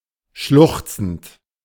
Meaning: present participle of schluchzen
- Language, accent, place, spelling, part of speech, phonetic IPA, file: German, Germany, Berlin, schluchzend, verb, [ˈʃlʊxt͡sn̩t], De-schluchzend.ogg